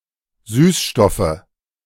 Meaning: nominative/accusative/genitive plural of Süßstoff
- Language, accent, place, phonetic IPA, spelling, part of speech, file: German, Germany, Berlin, [ˈsyːsˌʃtɔfə], Süßstoffe, noun, De-Süßstoffe.ogg